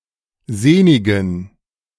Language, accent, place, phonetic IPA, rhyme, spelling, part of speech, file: German, Germany, Berlin, [ˈzeːnɪɡn̩], -eːnɪɡn̩, sehnigen, adjective, De-sehnigen.ogg
- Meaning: inflection of sehnig: 1. strong genitive masculine/neuter singular 2. weak/mixed genitive/dative all-gender singular 3. strong/weak/mixed accusative masculine singular 4. strong dative plural